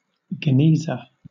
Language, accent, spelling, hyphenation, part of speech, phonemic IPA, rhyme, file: English, Southern England, genizah, ge‧ni‧zah, noun, /ɡɛˈniːzə/, -iːzə, LL-Q1860 (eng)-genizah.wav
- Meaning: A depository where sacred Hebrew books or other sacred items that by Jewish law cannot be disposed of are kept before they can be properly buried in a cemetery